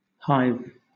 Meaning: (noun) 1. A structure, whether artificial or natural, for housing a swarm of honeybees 2. The bees of one hive; a swarm of bees 3. A place swarming with busy occupants; a crowd
- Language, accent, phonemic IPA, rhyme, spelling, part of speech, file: English, Southern England, /haɪv/, -aɪv, hive, noun / verb, LL-Q1860 (eng)-hive.wav